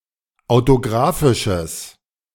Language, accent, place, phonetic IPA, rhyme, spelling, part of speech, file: German, Germany, Berlin, [aʊ̯toˈɡʁaːfɪʃəs], -aːfɪʃəs, autografisches, adjective, De-autografisches.ogg
- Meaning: strong/mixed nominative/accusative neuter singular of autografisch